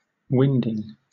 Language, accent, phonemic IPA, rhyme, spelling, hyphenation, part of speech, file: English, Southern England, /ˈwɪndɪŋ/, -ɪndɪŋ, winding, wind‧ing, noun / adjective / verb, LL-Q1860 (eng)-winding.wav
- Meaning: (noun) gerund of wind: The act of winnowing (“subjecting food grain to a current of air to separate the grain from the chaff”)